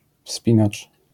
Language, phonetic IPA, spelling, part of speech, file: Polish, [ˈfspʲĩnat͡ʃ], wspinacz, noun, LL-Q809 (pol)-wspinacz.wav